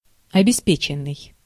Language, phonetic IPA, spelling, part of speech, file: Russian, [ɐbʲɪˈspʲet͡ɕɪn(ː)ɨj], обеспеченный, verb / adjective, Ru-обеспеченный.ogg
- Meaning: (verb) past passive perfective participle of обеспе́чить (obespéčitʹ); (adjective) well-off, affluent